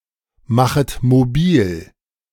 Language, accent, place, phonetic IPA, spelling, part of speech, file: German, Germany, Berlin, [ˌmaxət moˈbiːl], machet mobil, verb, De-machet mobil.ogg
- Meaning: second-person plural subjunctive I of mobilmachen